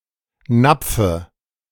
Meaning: dative of Napf
- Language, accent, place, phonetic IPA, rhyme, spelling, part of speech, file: German, Germany, Berlin, [ˈnap͡fə], -ap͡fə, Napfe, noun, De-Napfe.ogg